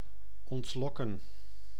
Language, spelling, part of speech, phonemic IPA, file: Dutch, ontlokken, verb, /ˌɔntˈlɔ.kə(n)/, Nl-ontlokken.ogg
- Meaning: to elicit